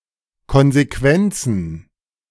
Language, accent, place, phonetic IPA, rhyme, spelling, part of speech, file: German, Germany, Berlin, [kɔnzeˈkvɛnt͡sn̩], -ɛnt͡sn̩, Konsequenzen, noun, De-Konsequenzen.ogg
- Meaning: plural of Konsequenz